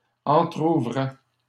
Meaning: third-person plural imperfect indicative of entrouvrir
- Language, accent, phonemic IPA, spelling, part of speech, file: French, Canada, /ɑ̃.tʁu.vʁɛ/, entrouvraient, verb, LL-Q150 (fra)-entrouvraient.wav